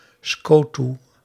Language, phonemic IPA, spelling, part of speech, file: Dutch, /ˈskotu/, skotoe, noun, Nl-skotoe.ogg
- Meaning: synonym of politie